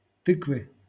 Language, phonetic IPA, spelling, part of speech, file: Russian, [ˈtɨkvɨ], тыквы, noun, LL-Q7737 (rus)-тыквы.wav
- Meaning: inflection of ты́ква (týkva): 1. genitive singular 2. nominative/accusative plural